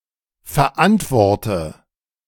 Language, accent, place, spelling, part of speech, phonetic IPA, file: German, Germany, Berlin, verantworte, verb, [fɛɐ̯ˈʔantvɔʁtə], De-verantworte.ogg
- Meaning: inflection of verantworten: 1. first-person singular present 2. first/third-person singular subjunctive I 3. singular imperative